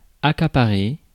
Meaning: 1. to monopolize, to corner 2. to occupy, to grab, to acquire, to arrogate (often with force or money) 3. to engross, to preoccupy
- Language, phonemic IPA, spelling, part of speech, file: French, /a.ka.pa.ʁe/, accaparer, verb, Fr-accaparer.ogg